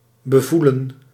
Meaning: to touch, to feel, to perceive by touching
- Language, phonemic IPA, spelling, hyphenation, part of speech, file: Dutch, /bəˈvu.lə(n)/, bevoelen, be‧voe‧len, verb, Nl-bevoelen.ogg